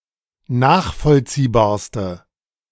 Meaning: inflection of nachvollziehbar: 1. strong/mixed nominative/accusative feminine singular superlative degree 2. strong nominative/accusative plural superlative degree
- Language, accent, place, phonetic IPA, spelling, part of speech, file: German, Germany, Berlin, [ˈnaːxfɔlt͡siːbaːɐ̯stə], nachvollziehbarste, adjective, De-nachvollziehbarste.ogg